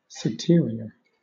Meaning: Chiefly in place names: situated on the nearer side
- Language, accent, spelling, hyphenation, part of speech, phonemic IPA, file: English, Southern England, citerior, ci‧te‧ri‧or, adjective, /sɪˈtɪə.ɹɪ.ə/, LL-Q1860 (eng)-citerior.wav